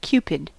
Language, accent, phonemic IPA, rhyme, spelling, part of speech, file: English, US, /ˈkjuːpɪd/, -uːpɪd, Cupid, proper noun, En-us-Cupid.ogg
- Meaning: 1. The god of love, son of Venus; sometimes depicted as a putto (a naked, winged boy with bow and arrow). The Roman counterpart of Eros 2. Sudden love or desire; the personification of falling in love